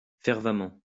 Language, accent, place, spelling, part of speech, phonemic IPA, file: French, France, Lyon, fervemment, adverb, /fɛʁ.va.mɑ̃/, LL-Q150 (fra)-fervemment.wav
- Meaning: fervently; with fervor